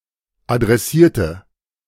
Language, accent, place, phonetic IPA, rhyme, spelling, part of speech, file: German, Germany, Berlin, [adʁɛˈsiːɐ̯tə], -iːɐ̯tə, adressierte, adjective / verb, De-adressierte.ogg
- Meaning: inflection of adressieren: 1. first/third-person singular preterite 2. first/third-person singular subjunctive II